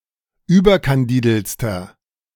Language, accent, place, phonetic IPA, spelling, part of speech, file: German, Germany, Berlin, [ˈyːbɐkanˌdiːdl̩t͡stɐ], überkandideltster, adjective, De-überkandideltster.ogg
- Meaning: inflection of überkandidelt: 1. strong/mixed nominative masculine singular superlative degree 2. strong genitive/dative feminine singular superlative degree